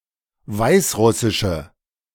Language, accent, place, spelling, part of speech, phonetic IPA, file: German, Germany, Berlin, weißrussische, adjective, [ˈvaɪ̯sˌʁʊsɪʃə], De-weißrussische.ogg
- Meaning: inflection of weißrussisch: 1. strong/mixed nominative/accusative feminine singular 2. strong nominative/accusative plural 3. weak nominative all-gender singular